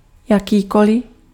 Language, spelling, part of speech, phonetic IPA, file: Czech, jakýkoli, determiner, [ˈjakiːkolɪ], Cs-jakýkoli.ogg
- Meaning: any